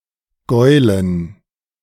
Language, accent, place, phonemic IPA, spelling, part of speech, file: German, Germany, Berlin, /ˈɡɔʏ̯lən/, Gäulen, noun, De-Gäulen.ogg
- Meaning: dative plural of Gaul